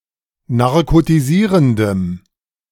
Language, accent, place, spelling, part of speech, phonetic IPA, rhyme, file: German, Germany, Berlin, narkotisierendem, adjective, [naʁkotiˈziːʁəndəm], -iːʁəndəm, De-narkotisierendem.ogg
- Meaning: strong dative masculine/neuter singular of narkotisierend